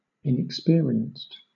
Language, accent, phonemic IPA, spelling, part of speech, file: English, Southern England, /ɪnəkˈspɪəɹi.ənst/, inexperienced, adjective, LL-Q1860 (eng)-inexperienced.wav
- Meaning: Not experienced; lacking knowledge because lacking experience